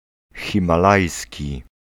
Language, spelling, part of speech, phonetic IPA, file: Polish, himalajski, adjective, [ˌxʲĩmaˈlajsʲci], Pl-himalajski.ogg